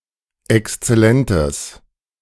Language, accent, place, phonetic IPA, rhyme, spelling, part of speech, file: German, Germany, Berlin, [ɛkst͡sɛˈlɛntəs], -ɛntəs, exzellentes, adjective, De-exzellentes.ogg
- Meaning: strong/mixed nominative/accusative neuter singular of exzellent